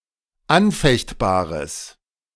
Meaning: strong/mixed nominative/accusative neuter singular of anfechtbar
- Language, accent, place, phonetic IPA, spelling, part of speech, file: German, Germany, Berlin, [ˈanˌfɛçtbaːʁəs], anfechtbares, adjective, De-anfechtbares.ogg